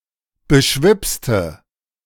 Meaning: inflection of beschwipst: 1. strong/mixed nominative/accusative feminine singular 2. strong nominative/accusative plural 3. weak nominative all-gender singular
- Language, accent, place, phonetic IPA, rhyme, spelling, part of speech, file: German, Germany, Berlin, [bəˈʃvɪpstə], -ɪpstə, beschwipste, adjective / verb, De-beschwipste.ogg